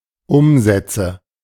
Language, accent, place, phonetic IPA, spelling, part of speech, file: German, Germany, Berlin, [ˈʊmzɛt͡sə], Umsätze, noun, De-Umsätze.ogg
- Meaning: nominative/accusative/genitive plural of Umsatz